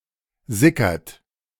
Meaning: inflection of sickern: 1. third-person singular present 2. second-person plural present 3. plural imperative
- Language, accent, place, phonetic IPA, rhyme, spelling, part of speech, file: German, Germany, Berlin, [ˈzɪkɐt], -ɪkɐt, sickert, verb, De-sickert.ogg